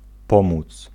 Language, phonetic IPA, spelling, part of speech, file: Polish, [ˈpɔ̃mut͡s], pomóc, verb, Pl-pomóc.ogg